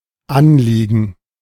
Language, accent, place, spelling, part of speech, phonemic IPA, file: German, Germany, Berlin, Anliegen, noun, /ˈanˌliːɡn̩/, De-Anliegen.ogg
- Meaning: 1. request 2. concern (matter of concern) 3. application